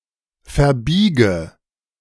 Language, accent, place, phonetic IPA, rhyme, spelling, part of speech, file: German, Germany, Berlin, [fɛɐ̯ˈbiːɡə], -iːɡə, verbiege, verb, De-verbiege.ogg
- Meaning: inflection of verbiegen: 1. first-person singular present 2. first/third-person singular subjunctive I 3. singular imperative